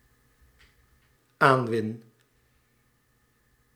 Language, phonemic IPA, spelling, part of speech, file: Dutch, /ˈaɱwɪn/, aanwin, verb, Nl-aanwin.ogg
- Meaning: first-person singular dependent-clause present indicative of aanwinnen